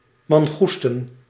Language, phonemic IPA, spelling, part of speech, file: Dutch, /mɑŋˈɣustə(n)/, mangoesten, noun, Nl-mangoesten.ogg
- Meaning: plural of mangoeste